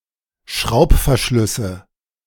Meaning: nominative/accusative/genitive plural of Schraubverschluss
- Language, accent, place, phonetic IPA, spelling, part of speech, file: German, Germany, Berlin, [ˈʃʁaʊ̯pfɛɐ̯ˌʃlʏsə], Schraubverschlüsse, noun, De-Schraubverschlüsse.ogg